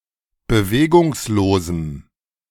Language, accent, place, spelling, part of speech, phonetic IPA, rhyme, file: German, Germany, Berlin, bewegungslosem, adjective, [bəˈveːɡʊŋsloːzm̩], -eːɡʊŋsloːzm̩, De-bewegungslosem.ogg
- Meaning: strong dative masculine/neuter singular of bewegungslos